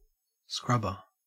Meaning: 1. A person or appliance that cleans floors or similar by scrubbing 2. A soft and flexible handheld polymer-fiber implement for scrubbing tasks 3. A device that removes impurities from gases
- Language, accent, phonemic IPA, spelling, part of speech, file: English, Australia, /ˈskɹɐbə/, scrubber, noun, En-au-scrubber.ogg